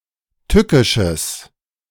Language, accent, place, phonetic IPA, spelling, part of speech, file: German, Germany, Berlin, [ˈtʏkɪʃəs], tückisches, adjective, De-tückisches.ogg
- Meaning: strong/mixed nominative/accusative neuter singular of tückisch